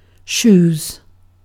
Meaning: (noun) plural of shoe; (verb) third-person singular simple present indicative of shoe
- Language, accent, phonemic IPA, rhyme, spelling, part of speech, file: English, UK, /ʃuːz/, -uːz, shoes, noun / verb, En-uk-shoes.ogg